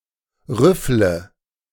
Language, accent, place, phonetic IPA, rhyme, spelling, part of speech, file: German, Germany, Berlin, [ˈʁʏflə], -ʏflə, rüffle, verb, De-rüffle.ogg
- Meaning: inflection of rüffeln: 1. first-person singular present 2. first/third-person singular subjunctive I 3. singular imperative